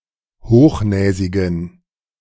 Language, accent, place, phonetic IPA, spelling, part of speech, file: German, Germany, Berlin, [ˈhoːxˌnɛːzɪɡn̩], hochnäsigen, adjective, De-hochnäsigen.ogg
- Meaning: inflection of hochnäsig: 1. strong genitive masculine/neuter singular 2. weak/mixed genitive/dative all-gender singular 3. strong/weak/mixed accusative masculine singular 4. strong dative plural